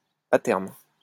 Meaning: 1. in the long run 2. eventually
- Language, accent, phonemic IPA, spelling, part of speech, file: French, France, /a tɛʁm/, à terme, adverb, LL-Q150 (fra)-à terme.wav